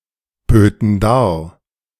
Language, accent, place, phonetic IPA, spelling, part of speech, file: German, Germany, Berlin, [ˌbøːtn̩ ˈdaːɐ̯], böten dar, verb, De-böten dar.ogg
- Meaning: first/third-person plural subjunctive II of darbieten